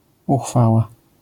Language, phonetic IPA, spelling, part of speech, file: Polish, [uˈxfawa], uchwała, noun, LL-Q809 (pol)-uchwała.wav